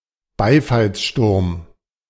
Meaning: ovation
- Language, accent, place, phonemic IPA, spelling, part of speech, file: German, Germany, Berlin, /ˈbaɪ̯falsʃtʊrm/, Beifallssturm, noun, De-Beifallssturm.ogg